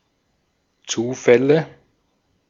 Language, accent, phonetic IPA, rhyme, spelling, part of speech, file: German, Austria, [ˈt͡suːˌfɛlə], -uːfɛlə, Zufälle, noun, De-at-Zufälle.ogg
- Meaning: nominative/accusative/genitive plural of Zufall